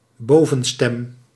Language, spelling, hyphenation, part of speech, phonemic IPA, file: Dutch, bovenstem, bo‧ven‧stem, noun, /ˈboː.və(n)ˌstɛm/, Nl-bovenstem.ogg
- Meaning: the highest part or register of a multivocal work